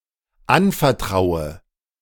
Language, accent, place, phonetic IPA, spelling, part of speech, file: German, Germany, Berlin, [ˈanfɛɐ̯ˌtʁaʊ̯ə], anvertraue, verb, De-anvertraue.ogg
- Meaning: inflection of anvertrauen: 1. first-person singular dependent present 2. first/third-person singular dependent subjunctive I